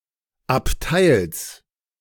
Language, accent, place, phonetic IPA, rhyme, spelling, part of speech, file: German, Germany, Berlin, [apˈtaɪ̯ls], -aɪ̯ls, Abteils, noun, De-Abteils.ogg
- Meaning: genitive singular of Abteil